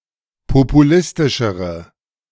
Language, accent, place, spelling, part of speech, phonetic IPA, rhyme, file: German, Germany, Berlin, populistischere, adjective, [popuˈlɪstɪʃəʁə], -ɪstɪʃəʁə, De-populistischere.ogg
- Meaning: inflection of populistisch: 1. strong/mixed nominative/accusative feminine singular comparative degree 2. strong nominative/accusative plural comparative degree